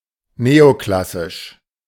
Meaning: neoclassical
- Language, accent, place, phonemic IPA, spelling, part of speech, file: German, Germany, Berlin, /ˈneoˌklasɪʃ/, neoklassisch, adjective, De-neoklassisch.ogg